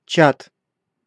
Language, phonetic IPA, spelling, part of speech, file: Russian, [t͡ɕat], Чад, proper noun, Ru-Чад.ogg
- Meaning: 1. Chad (a country in Central Africa) 2. Lake Chad (a freshwater lake at the junction of Nigeria, Niger, Chad and Cameroon in Central Africa)